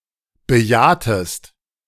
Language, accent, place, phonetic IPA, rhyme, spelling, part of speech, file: German, Germany, Berlin, [bəˈjaːtəst], -aːtəst, bejahtest, verb, De-bejahtest.ogg
- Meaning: inflection of bejahen: 1. second-person singular preterite 2. second-person singular subjunctive II